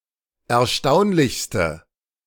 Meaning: inflection of erstaunlich: 1. strong/mixed nominative/accusative feminine singular superlative degree 2. strong nominative/accusative plural superlative degree
- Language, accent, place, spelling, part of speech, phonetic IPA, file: German, Germany, Berlin, erstaunlichste, adjective, [ɛɐ̯ˈʃtaʊ̯nlɪçstə], De-erstaunlichste.ogg